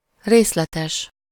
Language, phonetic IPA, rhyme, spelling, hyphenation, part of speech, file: Hungarian, [ˈreːslɛtɛʃ], -ɛʃ, részletes, rész‧le‧tes, adjective, Hu-részletes.ogg
- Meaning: detailed